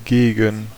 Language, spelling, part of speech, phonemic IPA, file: German, gegen, preposition, /ˈɡe.ɡən/, De-gegen.ogg
- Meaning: 1. against 2. toward (i.e. directed to someone/something) 3. toward (i.e. in the direction of) 4. approximately, around 5. in exchange for 6. facing 7. compare to 8. for